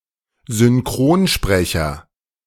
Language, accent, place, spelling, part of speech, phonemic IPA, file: German, Germany, Berlin, Synchronsprecher, noun, /zʏnˈkʁoːnˌʃpʁɛçɐ/, De-Synchronsprecher.ogg
- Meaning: voice actor, dubbing actor